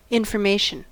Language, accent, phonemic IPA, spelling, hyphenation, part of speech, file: English, US, /ˌɪn.fɚˈmeɪ.ʃn̩/, information, in‧for‧ma‧tion, noun, En-us-information.ogg
- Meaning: Something that provides a definitive characterization or description of the nature and attributes of a specified entity